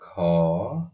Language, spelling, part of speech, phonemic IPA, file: Odia, ଖ, character, /kʰɔ/, Or-ଖ.oga
- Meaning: The fourteenth character in the Odia abugida